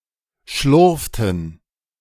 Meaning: inflection of schlurfen: 1. first/third-person plural preterite 2. first/third-person plural subjunctive II
- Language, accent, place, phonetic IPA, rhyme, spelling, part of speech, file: German, Germany, Berlin, [ˈʃlʊʁftn̩], -ʊʁftn̩, schlurften, verb, De-schlurften.ogg